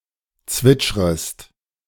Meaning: second-person singular subjunctive I of zwitschern
- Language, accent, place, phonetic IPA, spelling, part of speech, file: German, Germany, Berlin, [ˈt͡svɪt͡ʃʁəst], zwitschrest, verb, De-zwitschrest.ogg